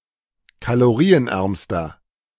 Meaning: inflection of kalorienarm: 1. strong/mixed nominative masculine singular superlative degree 2. strong genitive/dative feminine singular superlative degree 3. strong genitive plural superlative degree
- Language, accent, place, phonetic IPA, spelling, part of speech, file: German, Germany, Berlin, [kaloˈʁiːənˌʔɛʁmstɐ], kalorienärmster, adjective, De-kalorienärmster.ogg